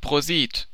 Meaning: cheers (toast used when drinking in company)
- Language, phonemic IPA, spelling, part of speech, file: German, /ˈproːzit/, prosit, interjection, De-prosit.oga